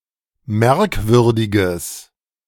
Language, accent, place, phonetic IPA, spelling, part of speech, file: German, Germany, Berlin, [ˈmɛʁkˌvʏʁdɪɡəs], merkwürdiges, adjective, De-merkwürdiges.ogg
- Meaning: strong/mixed nominative/accusative neuter singular of merkwürdig